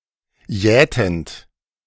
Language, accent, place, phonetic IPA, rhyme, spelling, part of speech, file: German, Germany, Berlin, [ˈjɛːtn̩t], -ɛːtn̩t, jätend, verb, De-jätend.ogg
- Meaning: present participle of jäten